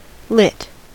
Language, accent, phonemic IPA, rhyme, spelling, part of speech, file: English, US, /ˈlɪt/, -ɪt, lit, verb / adjective / noun, En-us-lit.ogg
- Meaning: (verb) 1. simple past and past participle of light (“illuminate; start a fire; etc”) 2. simple past and past participle of light (“alight: land, come down on”) 3. To run or light (alight)